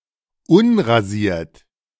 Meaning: unshaven
- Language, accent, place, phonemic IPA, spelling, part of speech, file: German, Germany, Berlin, /ˈʊnʁaˌziːɐ̯t/, unrasiert, adjective, De-unrasiert.ogg